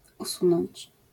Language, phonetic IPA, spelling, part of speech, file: Polish, [uˈsũnɔ̃ɲt͡ɕ], usunąć, verb, LL-Q809 (pol)-usunąć.wav